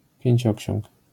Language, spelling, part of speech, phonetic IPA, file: Polish, Pięcioksiąg, proper noun, [pʲjɛ̇̃ɲˈt͡ɕɔ̇cɕɔ̃ŋk], LL-Q809 (pol)-Pięcioksiąg.wav